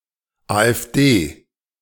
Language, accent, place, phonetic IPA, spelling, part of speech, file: German, Germany, Berlin, [aːʔɛfˈdeː], AfD, noun, De-AfD.ogg
- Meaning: AfD: initialism of Alternative für Deutschland (“right-wing German political party”, literally “Alternative for Germany”)